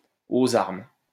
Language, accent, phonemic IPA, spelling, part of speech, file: French, France, /o.z‿aʁm/, aux armes, interjection, LL-Q150 (fra)-aux armes.wav
- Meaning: to arms!